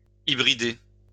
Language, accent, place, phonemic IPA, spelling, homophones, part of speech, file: French, France, Lyon, /i.bʁi.de/, hybrider, hybridai / hybridé / hybridée / hybridées / hybridés / hybridez, verb, LL-Q150 (fra)-hybrider.wav
- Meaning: to hybridize